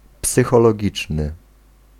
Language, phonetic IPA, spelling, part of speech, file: Polish, [ˌpsɨxɔlɔˈɟit͡ʃnɨ], psychologiczny, adjective, Pl-psychologiczny.ogg